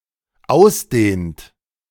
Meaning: inflection of ausdehnen: 1. third-person singular dependent present 2. second-person plural dependent present
- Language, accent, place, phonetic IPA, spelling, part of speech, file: German, Germany, Berlin, [ˈaʊ̯sˌdeːnt], ausdehnt, verb, De-ausdehnt.ogg